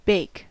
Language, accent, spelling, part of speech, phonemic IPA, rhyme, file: English, US, bake, verb / noun, /beɪk/, -eɪk, En-us-bake.ogg
- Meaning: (verb) To cook using an oven, especially baked goods.: 1. To cook (something) in an oven (for someone) 2. To be cooked in an oven 3. To regularly prepare baked goods 4. To smoke marijuana